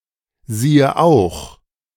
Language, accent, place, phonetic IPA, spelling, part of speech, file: German, Germany, Berlin, [ˌziːə ˈaʊ̯x], siehe auch, phrase, De-siehe auch.ogg
- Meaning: see also